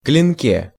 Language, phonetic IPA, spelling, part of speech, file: Russian, [klʲɪnˈkʲe], клинке, noun, Ru-клинке.ogg
- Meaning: prepositional singular of клино́к (klinók)